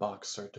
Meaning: Wearing a pair of boxer shorts
- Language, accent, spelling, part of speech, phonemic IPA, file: English, US, boxered, adjective, /ˈbɑksəɹd/, Boxered US.ogg